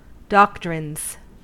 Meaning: plural of doctrine
- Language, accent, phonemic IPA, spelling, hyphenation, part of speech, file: English, US, /ˈdɑktɹɪnz/, doctrines, doc‧trines, noun, En-us-doctrines.ogg